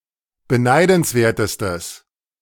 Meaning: strong/mixed nominative/accusative neuter singular superlative degree of beneidenswert
- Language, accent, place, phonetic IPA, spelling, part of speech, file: German, Germany, Berlin, [bəˈnaɪ̯dn̩sˌveːɐ̯təstəs], beneidenswertestes, adjective, De-beneidenswertestes.ogg